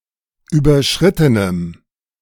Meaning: strong dative masculine/neuter singular of überschritten
- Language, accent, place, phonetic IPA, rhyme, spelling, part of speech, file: German, Germany, Berlin, [ˌyːbɐˈʃʁɪtənəm], -ɪtənəm, überschrittenem, adjective, De-überschrittenem.ogg